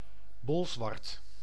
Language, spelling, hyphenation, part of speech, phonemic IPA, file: Dutch, Bolsward, Bol‧sward, proper noun, /ˈbɔls.ʋɑrt/, Nl-Bolsward.ogg
- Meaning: a city and former municipality of Súdwest-Fryslân, Friesland, Netherlands